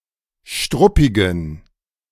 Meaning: inflection of struppig: 1. strong genitive masculine/neuter singular 2. weak/mixed genitive/dative all-gender singular 3. strong/weak/mixed accusative masculine singular 4. strong dative plural
- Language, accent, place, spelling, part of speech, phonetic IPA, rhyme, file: German, Germany, Berlin, struppigen, adjective, [ˈʃtʁʊpɪɡn̩], -ʊpɪɡn̩, De-struppigen.ogg